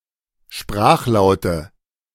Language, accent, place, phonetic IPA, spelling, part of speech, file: German, Germany, Berlin, [ˈʃpʁaːxˌlaʊ̯tə], Sprachlaute, noun, De-Sprachlaute.ogg
- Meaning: nominative/accusative/genitive plural of Sprachlaut